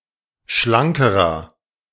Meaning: inflection of schlank: 1. strong/mixed nominative masculine singular comparative degree 2. strong genitive/dative feminine singular comparative degree 3. strong genitive plural comparative degree
- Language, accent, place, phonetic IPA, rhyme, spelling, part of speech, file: German, Germany, Berlin, [ˈʃlaŋkəʁɐ], -aŋkəʁɐ, schlankerer, adjective, De-schlankerer.ogg